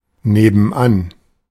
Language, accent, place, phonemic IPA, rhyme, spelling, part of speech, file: German, Germany, Berlin, /ˌneːbənˈan/, -an, nebenan, adverb, De-nebenan.ogg
- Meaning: next door